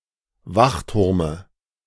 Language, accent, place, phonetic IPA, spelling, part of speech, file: German, Germany, Berlin, [ˈvaxˌtʊʁmə], Wachturme, noun, De-Wachturme.ogg
- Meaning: dative of Wachturm